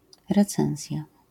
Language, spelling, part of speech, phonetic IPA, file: Polish, recenzja, noun, [rɛˈt͡sɛ̃w̃zʲja], LL-Q809 (pol)-recenzja.wav